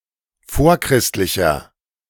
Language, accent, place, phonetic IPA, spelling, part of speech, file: German, Germany, Berlin, [ˈfoːɐ̯ˌkʁɪstlɪçɐ], vorchristlicher, adjective, De-vorchristlicher.ogg
- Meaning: inflection of vorchristlich: 1. strong/mixed nominative masculine singular 2. strong genitive/dative feminine singular 3. strong genitive plural